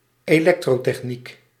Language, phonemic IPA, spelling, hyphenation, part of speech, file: Dutch, /eːˈlɛk.troː.tɛxˌnik/, elektrotechniek, elek‧tro‧tech‧niek, noun, Nl-elektrotechniek.ogg
- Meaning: electrical engineering, electrotechnology